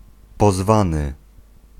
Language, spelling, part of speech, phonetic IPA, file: Polish, pozwany, verb / noun, [pɔˈzvãnɨ], Pl-pozwany.ogg